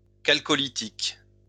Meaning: Chalcolithic
- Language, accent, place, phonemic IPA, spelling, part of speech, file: French, France, Lyon, /kal.kɔ.li.tik/, chalcolithique, adjective, LL-Q150 (fra)-chalcolithique.wav